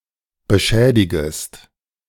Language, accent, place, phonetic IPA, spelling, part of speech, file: German, Germany, Berlin, [bəˈʃɛːdɪɡəst], beschädigest, verb, De-beschädigest.ogg
- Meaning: second-person singular subjunctive I of beschädigen